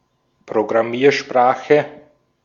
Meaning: programming language
- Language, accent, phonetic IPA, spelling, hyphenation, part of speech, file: German, Austria, [pʁoɡʁaˈmiːɐ̯ˌʃpʁaːxə], Programmiersprache, Pro‧gram‧mier‧spra‧che, noun, De-at-Programmiersprache.ogg